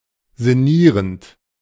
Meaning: present participle of sinnieren
- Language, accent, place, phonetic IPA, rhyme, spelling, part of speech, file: German, Germany, Berlin, [zɪˈniːʁənt], -iːʁənt, sinnierend, verb, De-sinnierend.ogg